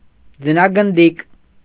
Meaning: snowball
- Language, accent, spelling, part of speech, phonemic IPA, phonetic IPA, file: Armenian, Eastern Armenian, ձնագնդիկ, noun, /d͡zənɑɡənˈdik/, [d͡zənɑɡəndík], Hy-ձնագնդիկ.ogg